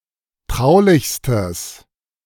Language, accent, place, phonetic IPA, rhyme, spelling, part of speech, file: German, Germany, Berlin, [ˈtʁaʊ̯lɪçstəs], -aʊ̯lɪçstəs, traulichstes, adjective, De-traulichstes.ogg
- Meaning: strong/mixed nominative/accusative neuter singular superlative degree of traulich